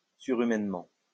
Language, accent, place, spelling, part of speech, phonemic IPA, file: French, France, Lyon, surhumainement, adverb, /sy.ʁy.mɛn.mɑ̃/, LL-Q150 (fra)-surhumainement.wav
- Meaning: superhumanly